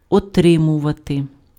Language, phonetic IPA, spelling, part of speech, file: Ukrainian, [ɔˈtrɪmʊʋɐte], отримувати, verb, Uk-отримувати.ogg
- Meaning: to receive, to get